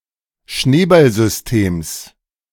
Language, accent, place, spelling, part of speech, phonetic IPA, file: German, Germany, Berlin, Schneeballsystems, noun, [ˈʃneːbalzʏsˌteːms], De-Schneeballsystems.ogg
- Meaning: genitive singular of Schneeballsystem